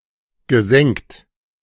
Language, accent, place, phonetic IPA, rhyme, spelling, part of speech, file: German, Germany, Berlin, [ɡəˈzɛŋt], -ɛŋt, gesengt, verb, De-gesengt.ogg
- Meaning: past participle of sengen